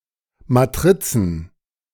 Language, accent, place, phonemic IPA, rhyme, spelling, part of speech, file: German, Germany, Berlin, /maˈtʁɪt͡sn̩/, -ɪt͡sn̩, Matrizen, noun, De-Matrizen.ogg
- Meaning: 1. plural of Matrix 2. plural of Matrize